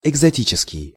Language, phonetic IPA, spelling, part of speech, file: Russian, [ɪɡzɐˈtʲit͡ɕɪskʲɪj], экзотический, adjective, Ru-экзотический.ogg
- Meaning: exotic